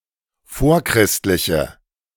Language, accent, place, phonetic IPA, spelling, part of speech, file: German, Germany, Berlin, [ˈfoːɐ̯ˌkʁɪstlɪçə], vorchristliche, adjective, De-vorchristliche.ogg
- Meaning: inflection of vorchristlich: 1. strong/mixed nominative/accusative feminine singular 2. strong nominative/accusative plural 3. weak nominative all-gender singular